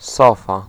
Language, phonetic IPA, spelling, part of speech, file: Polish, [ˈsɔfa], sofa, noun, Pl-sofa.ogg